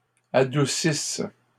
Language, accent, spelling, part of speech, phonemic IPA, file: French, Canada, adoucisse, verb, /a.du.sis/, LL-Q150 (fra)-adoucisse.wav
- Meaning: inflection of adoucir: 1. first/third-person singular present subjunctive 2. first-person singular imperfect subjunctive